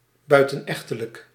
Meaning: extramarital
- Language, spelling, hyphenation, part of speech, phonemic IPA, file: Dutch, buitenechtelijk, bui‧ten‧ech‧te‧lijk, adjective, /ˌbœy̯.tə(n)ˈɛx.tə.lək/, Nl-buitenechtelijk.ogg